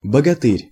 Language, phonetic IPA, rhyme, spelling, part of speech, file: Russian, [bəɡɐˈtɨrʲ], -ɨrʲ, богатырь, noun, Ru-богатырь.ogg
- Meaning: 1. bogatyr, a medieval heroic warrior in Kievan Rus 2. strongly built man, hero